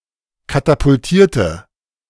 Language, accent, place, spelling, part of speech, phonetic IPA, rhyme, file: German, Germany, Berlin, katapultierte, adjective / verb, [katapʊlˈtiːɐ̯tə], -iːɐ̯tə, De-katapultierte.ogg
- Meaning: inflection of katapultieren: 1. first/third-person singular preterite 2. first/third-person singular subjunctive II